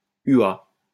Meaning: abbreviation of unité astronomique
- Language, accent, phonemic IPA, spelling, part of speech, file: French, France, /y.a/, ua, noun, LL-Q150 (fra)-ua.wav